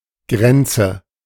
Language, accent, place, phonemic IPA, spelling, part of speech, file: German, Germany, Berlin, /ˈɡrɛn.t͡sə/, Grenze, noun, De-Grenze.ogg
- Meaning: 1. border 2. limit 3. frontier 4. boundary